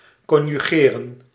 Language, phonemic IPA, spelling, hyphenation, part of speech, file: Dutch, /kɔnjyˈɣeːrə(n)/, conjugeren, con‧ju‧ge‧ren, verb, Nl-conjugeren.ogg
- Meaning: 1. synonym of vervoegen (“to conjugate”) 2. to conjugate 3. to unify, to join together